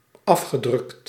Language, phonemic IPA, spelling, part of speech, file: Dutch, /ˈɑfxəˌdrʏkt/, afgedrukt, verb, Nl-afgedrukt.ogg
- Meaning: past participle of afdrukken